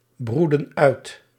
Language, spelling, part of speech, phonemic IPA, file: Dutch, broedden uit, verb, /ˈbrudə(n) ˈœyt/, Nl-broedden uit.ogg
- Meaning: inflection of uitbroeden: 1. plural past indicative 2. plural past subjunctive